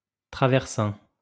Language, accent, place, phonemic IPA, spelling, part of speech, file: French, France, Lyon, /tʁa.vɛʁ.sɛ̃/, traversin, noun, LL-Q150 (fra)-traversin.wav
- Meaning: bolster